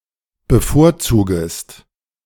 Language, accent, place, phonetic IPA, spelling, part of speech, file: German, Germany, Berlin, [bəˈfoːɐ̯ˌt͡suːɡəst], bevorzugest, verb, De-bevorzugest.ogg
- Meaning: second-person singular subjunctive I of bevorzugen